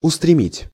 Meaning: 1. to rush 2. to turn (to), to direct (at, towards), to fix (on, upon)
- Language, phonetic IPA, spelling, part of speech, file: Russian, [ʊstrʲɪˈmʲitʲ], устремить, verb, Ru-устремить.ogg